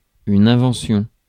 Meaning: invention
- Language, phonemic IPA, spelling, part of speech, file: French, /ɛ̃.vɑ̃.sjɔ̃/, invention, noun, Fr-invention.ogg